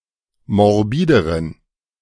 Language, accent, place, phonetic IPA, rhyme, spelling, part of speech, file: German, Germany, Berlin, [mɔʁˈbiːdəʁən], -iːdəʁən, morbideren, adjective, De-morbideren.ogg
- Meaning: inflection of morbid: 1. strong genitive masculine/neuter singular comparative degree 2. weak/mixed genitive/dative all-gender singular comparative degree